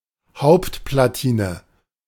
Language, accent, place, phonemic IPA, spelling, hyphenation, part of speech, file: German, Germany, Berlin, /ˈhaʊ̯ptplaˌtiːnə/, Hauptplatine, Haupt‧pla‧ti‧ne, noun, De-Hauptplatine.ogg
- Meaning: mainboard, motherboard